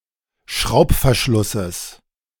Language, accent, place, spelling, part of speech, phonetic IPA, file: German, Germany, Berlin, Schraubverschlusses, noun, [ˈʃʁaʊ̯pfɛɐ̯ˌʃlʊsəs], De-Schraubverschlusses.ogg
- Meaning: genitive singular of Schraubverschluss